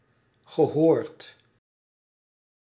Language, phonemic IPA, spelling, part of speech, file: Dutch, /ɣəˈhɔːrt/, gehoord, verb, Nl-gehoord.ogg
- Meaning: past participle of horen